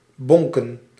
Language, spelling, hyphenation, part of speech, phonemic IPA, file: Dutch, bonken, bon‧ken, verb, /ˈbɔŋkə(n)/, Nl-bonken.ogg
- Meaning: 1. to bang, to smash 2. to fuck, to bang